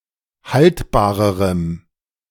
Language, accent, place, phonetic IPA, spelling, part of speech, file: German, Germany, Berlin, [ˈhaltbaːʁəʁəm], haltbarerem, adjective, De-haltbarerem.ogg
- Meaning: strong dative masculine/neuter singular comparative degree of haltbar